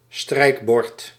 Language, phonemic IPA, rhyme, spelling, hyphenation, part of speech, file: Dutch, /ˈstrɛi̯k.bɔrt/, -ɔrt, strijkbord, strijk‧bord, noun, Nl-strijkbord.ogg
- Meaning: strikeboard, moldboard